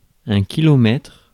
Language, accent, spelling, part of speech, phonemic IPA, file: French, France, kilomètre, noun, /ki.lɔ.mɛtʁ/, Fr-kilomètre.ogg
- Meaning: kilometre (UK) / kilometer (US)